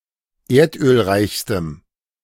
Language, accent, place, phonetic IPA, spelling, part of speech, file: German, Germany, Berlin, [ˈeːɐ̯tʔøːlˌʁaɪ̯çstəm], erdölreichstem, adjective, De-erdölreichstem.ogg
- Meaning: strong dative masculine/neuter singular superlative degree of erdölreich